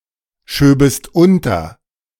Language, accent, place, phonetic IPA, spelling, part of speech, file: German, Germany, Berlin, [ˌʃøːbəst ˈʊntɐ], schöbest unter, verb, De-schöbest unter.ogg
- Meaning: second-person singular subjunctive II of unterschieben